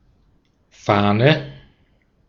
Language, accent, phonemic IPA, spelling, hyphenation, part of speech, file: German, Austria, /ˈfaːnɛ/, Fahne, Fah‧ne, noun, De-at-Fahne.ogg
- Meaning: 1. flag, banner (any cloth or fabric used as a symbol) 2. idea, ideal 3. the noticeable smell of alcohol on one's breath 4. galley proof 5. vane (flattened, web-like part of a feather)